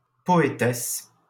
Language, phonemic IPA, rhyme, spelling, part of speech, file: French, /pɔ.e.tɛs/, -ɛs, poétesse, noun, LL-Q150 (fra)-poétesse.wav
- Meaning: feminine form of poète